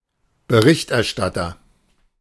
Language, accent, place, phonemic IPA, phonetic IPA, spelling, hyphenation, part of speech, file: German, Germany, Berlin, /bəˈʁɪçtɛʁˌʃtatəʁ/, [bəˈʁɪçtʰʔɛɐ̯ˌʃtatʰɐ], Berichterstatter, Be‧richt‧er‧stat‧ter, noun, De-Berichterstatter.ogg
- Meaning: 1. rapporteur (male or of unspecified gender) 2. reporter, correspondent (male or of unspecified gender)